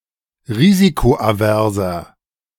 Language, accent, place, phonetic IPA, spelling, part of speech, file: German, Germany, Berlin, [ˈʁiːzikoʔaˌvɛʁzɐ], risikoaverser, adjective, De-risikoaverser.ogg
- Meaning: 1. comparative degree of risikoavers 2. inflection of risikoavers: strong/mixed nominative masculine singular 3. inflection of risikoavers: strong genitive/dative feminine singular